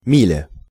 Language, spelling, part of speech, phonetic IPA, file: Russian, миля, noun, [ˈmʲilʲə], Ru-миля.ogg
- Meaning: mile